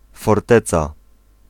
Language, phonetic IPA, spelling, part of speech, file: Polish, [fɔrˈtɛt͡sa], forteca, noun, Pl-forteca.ogg